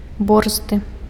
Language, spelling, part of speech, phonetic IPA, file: Belarusian, борзды, adjective, [ˈborzdɨ], Be-борзды.ogg
- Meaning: swift, brisk, fleet